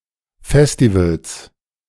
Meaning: 1. genitive singular of Festival 2. plural of Festival
- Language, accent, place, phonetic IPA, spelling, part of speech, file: German, Germany, Berlin, [ˈfɛstivals], Festivals, noun, De-Festivals.ogg